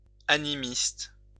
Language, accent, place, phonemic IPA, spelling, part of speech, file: French, France, Lyon, /a.ni.mist/, animiste, noun, LL-Q150 (fra)-animiste.wav
- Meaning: animist